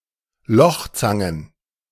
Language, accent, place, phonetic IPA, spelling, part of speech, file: German, Germany, Berlin, [ˈlɔxˌt͡saŋən], Lochzangen, noun, De-Lochzangen.ogg
- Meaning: plural of Lochzange